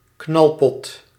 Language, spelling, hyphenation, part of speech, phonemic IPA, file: Dutch, knalpot, knal‧pot, noun, /ˈknɑl.pɔt/, Nl-knalpot.ogg
- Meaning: muffler, silencer (of an exhaust pipe)